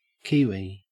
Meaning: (noun) 1. A flightless bird of the order Apterygiformes native to New Zealand 2. Alternative letter-case form of Kiwi (“a person from New Zealand”) 3. A New Zealand dollar
- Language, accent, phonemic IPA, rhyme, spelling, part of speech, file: English, Australia, /ˈkiːwi/, -iːwi, kiwi, noun / adjective / verb, En-au-kiwi.ogg